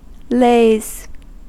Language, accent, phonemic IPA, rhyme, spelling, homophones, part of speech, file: English, US, /leɪz/, -eɪz, lays, lase / laze, noun / verb, En-us-lays.ogg
- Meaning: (noun) plural of lay; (verb) third-person singular simple present indicative of lay